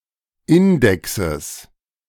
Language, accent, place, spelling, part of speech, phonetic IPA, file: German, Germany, Berlin, Indexes, noun, [ˈɪndɛksəs], De-Indexes.ogg
- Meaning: genitive of Index